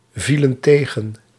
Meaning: inflection of tegenvallen: 1. plural past indicative 2. plural past subjunctive
- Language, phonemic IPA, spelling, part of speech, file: Dutch, /ˈvilə(n) ˈteɣə(n)/, vielen tegen, verb, Nl-vielen tegen.ogg